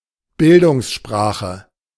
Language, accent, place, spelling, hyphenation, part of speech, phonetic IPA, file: German, Germany, Berlin, Bildungssprache, Bil‧dungs‧spra‧che, noun, [ˈbɪldʊŋsˌʃpʀaːχə], De-Bildungssprache.ogg
- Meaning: a dialect or register of language used in education or training